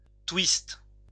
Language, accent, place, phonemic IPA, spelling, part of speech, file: French, France, Lyon, /twist/, twiste, verb, LL-Q150 (fra)-twiste.wav
- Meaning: inflection of twister: 1. first/third-person singular present indicative/subjunctive 2. second-person singular imperative